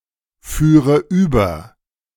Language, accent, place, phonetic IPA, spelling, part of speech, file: German, Germany, Berlin, [ˌfyːʁə ˈyːbɐ], führe über, verb, De-führe über.ogg
- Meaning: first/third-person singular subjunctive II of überfahren